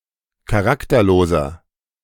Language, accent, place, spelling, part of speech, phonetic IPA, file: German, Germany, Berlin, charakterloser, adjective, [kaˈʁaktɐˌloːzɐ], De-charakterloser.ogg
- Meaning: 1. comparative degree of charakterlos 2. inflection of charakterlos: strong/mixed nominative masculine singular 3. inflection of charakterlos: strong genitive/dative feminine singular